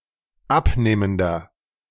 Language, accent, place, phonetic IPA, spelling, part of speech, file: German, Germany, Berlin, [ˈapˌneːməndɐ], abnehmender, adjective, De-abnehmender.ogg
- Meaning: inflection of abnehmend: 1. strong/mixed nominative masculine singular 2. strong genitive/dative feminine singular 3. strong genitive plural